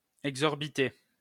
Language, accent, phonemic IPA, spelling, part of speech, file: French, France, /ɛɡ.zɔʁ.bi.te/, exorbité, verb / adjective, LL-Q150 (fra)-exorbité.wav
- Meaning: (verb) past participle of exorbiter; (adjective) bulging (eyes)